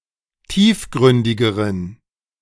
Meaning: inflection of tiefgründig: 1. strong genitive masculine/neuter singular comparative degree 2. weak/mixed genitive/dative all-gender singular comparative degree
- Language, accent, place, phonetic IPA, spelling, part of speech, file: German, Germany, Berlin, [ˈtiːfˌɡʁʏndɪɡəʁən], tiefgründigeren, adjective, De-tiefgründigeren.ogg